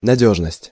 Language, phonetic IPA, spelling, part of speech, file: Russian, [nɐˈdʲɵʐnəsʲtʲ], надёжность, noun, Ru-надёжность.ogg
- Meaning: reliability; trustworthiness; dependability; security